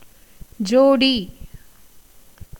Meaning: pair, couple
- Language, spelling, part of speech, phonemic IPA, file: Tamil, ஜோடி, noun, /dʒoːɖiː/, Ta-ஜோடி.ogg